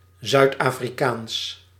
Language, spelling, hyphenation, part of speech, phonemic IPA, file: Dutch, Zuid-Afrikaans, Zuid-Afri‧kaans, adjective / proper noun, /ˌzœy̯t.aː.friˈkaːns/, Nl-Zuid-Afrikaans.ogg
- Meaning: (adjective) South African (pertaining to South Africa or South African people); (proper noun) the Afrikaans language (avoided by specialists)